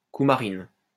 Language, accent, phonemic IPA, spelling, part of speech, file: French, France, /ku.ma.ʁin/, coumarine, noun, LL-Q150 (fra)-coumarine.wav
- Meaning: coumarin